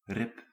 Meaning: 1. rib 2. a truss (wooden frame)
- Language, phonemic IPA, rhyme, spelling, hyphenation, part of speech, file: Dutch, /rɪp/, -ɪp, rib, rib, noun, Nl-rib.ogg